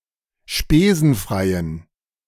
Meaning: inflection of spesenfrei: 1. strong genitive masculine/neuter singular 2. weak/mixed genitive/dative all-gender singular 3. strong/weak/mixed accusative masculine singular 4. strong dative plural
- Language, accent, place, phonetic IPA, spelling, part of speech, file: German, Germany, Berlin, [ˈʃpeːzn̩ˌfʁaɪ̯ən], spesenfreien, adjective, De-spesenfreien.ogg